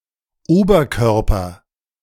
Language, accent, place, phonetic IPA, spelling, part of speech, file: German, Germany, Berlin, [ˈoːbɐˌkœʁpɐ], Oberkörper, noun, De-Oberkörper.ogg
- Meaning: upper body